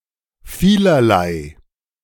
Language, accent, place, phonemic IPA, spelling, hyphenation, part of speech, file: German, Germany, Berlin, /ˈfiː.lɐ.laɪ̯/, vielerlei, vie‧ler‧lei, adjective, De-vielerlei.ogg
- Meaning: in great number and of many types